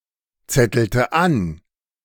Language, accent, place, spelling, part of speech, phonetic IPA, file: German, Germany, Berlin, zettelte an, verb, [ˌt͡sɛtl̩tə ˈan], De-zettelte an.ogg
- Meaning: inflection of anzetteln: 1. first/third-person singular preterite 2. first/third-person singular subjunctive II